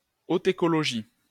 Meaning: autecology
- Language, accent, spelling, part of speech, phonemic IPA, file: French, France, autécologie, noun, /o.te.kɔ.lɔ.ʒi/, LL-Q150 (fra)-autécologie.wav